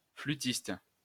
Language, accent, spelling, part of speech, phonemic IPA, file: French, France, flutiste, noun, /fly.tist/, LL-Q150 (fra)-flutiste.wav
- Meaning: post-1990 spelling of flûtiste